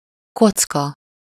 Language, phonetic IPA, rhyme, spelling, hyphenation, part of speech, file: Hungarian, [ˈkot͡skɒ], -kɒ, kocka, koc‧ka, noun, Hu-kocka.ogg
- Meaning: 1. cube (regular polyhedron having six identical square faces) 2. block, cube (any object in an approximately cuboid shape)